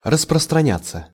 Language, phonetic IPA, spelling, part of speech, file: Russian, [rəsprəstrɐˈnʲat͡sːə], распространяться, verb, Ru-распространяться.ogg
- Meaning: 1. to spread, to extend 2. to apply 3. to enlarge, to expatiate, to dilate 4. passive of распространя́ть (rasprostranjátʹ)